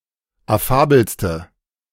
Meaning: inflection of affabel: 1. strong/mixed nominative/accusative feminine singular superlative degree 2. strong nominative/accusative plural superlative degree
- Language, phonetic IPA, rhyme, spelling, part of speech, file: German, [aˈfaːbl̩stə], -aːbl̩stə, affabelste, adjective, De-affabelste.oga